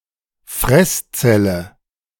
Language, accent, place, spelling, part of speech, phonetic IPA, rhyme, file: German, Germany, Berlin, Fresszelle, noun, [ˈfʁɛsˌt͡sɛlə], -ɛst͡sɛlə, De-Fresszelle.ogg
- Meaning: macrophage